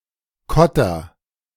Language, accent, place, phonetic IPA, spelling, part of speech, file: German, Germany, Berlin, [ˈkʰɔtɐ], Kotter, noun, De-Kotter.ogg
- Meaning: cage, can, prison cell